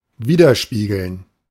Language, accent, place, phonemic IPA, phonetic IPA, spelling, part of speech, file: German, Germany, Berlin, /ˈviːdəʁˌʃpiːɡəln/, [ˈviːdɐˌʃpiːɡl̩n], widerspiegeln, verb, De-widerspiegeln.ogg
- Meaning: 1. to reflect 2. to mirror